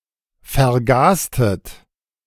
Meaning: inflection of vergasen: 1. second-person plural preterite 2. second-person plural subjunctive II
- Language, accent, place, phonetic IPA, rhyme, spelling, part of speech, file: German, Germany, Berlin, [fɛɐ̯ˈɡaːstət], -aːstət, vergastet, verb, De-vergastet.ogg